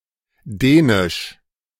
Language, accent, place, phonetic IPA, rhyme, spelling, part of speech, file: German, Germany, Berlin, [ˈdɛːnɪʃ], -ɛːnɪʃ, dänisch, adjective, De-dänisch2.ogg
- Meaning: Danish